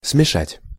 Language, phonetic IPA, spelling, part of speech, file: Russian, [smʲɪˈʂatʲ], смешать, verb, Ru-смешать.ogg
- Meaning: 1. to mix, to mingle, to blend 2. to mix up the order of 3. to mess up 4. to confuse, to mix up